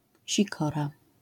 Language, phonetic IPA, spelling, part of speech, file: Polish, [ɕiˈkɔra], sikora, noun, LL-Q809 (pol)-sikora.wav